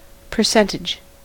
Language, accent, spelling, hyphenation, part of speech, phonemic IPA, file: English, US, percentage, per‧cent‧age, noun, /pə(ɹ)ˈsɛntɪd͡ʒ/, En-us-percentage.ogg
- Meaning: 1. The amount, number or rate of something, regarded as part of a total of 100; a part of a whole 2. A share of the sales, profits, gross margin or similar 3. Benefit or advantage